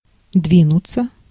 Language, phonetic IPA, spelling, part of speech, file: Russian, [ˈdvʲinʊt͡sə], двинуться, verb, Ru-двинуться.ogg
- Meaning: 1. to move 2. to go crazy, to lose one's wits